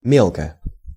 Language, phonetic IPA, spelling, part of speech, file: Russian, [ˈmʲeɫkə], мелко, adverb / adjective, Ru-мелко.ogg
- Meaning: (adverb) 1. shallowly (in a shallow manner, not deep) 2. finely, in small particles, (written) in very small letters (of texts); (adjective) short neuter singular of ме́лкий (mélkij)